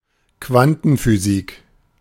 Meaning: quantum physics, quantum mechanics
- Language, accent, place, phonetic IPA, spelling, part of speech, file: German, Germany, Berlin, [ˈkvantn̩fyˌziːk], Quantenphysik, noun, De-Quantenphysik.ogg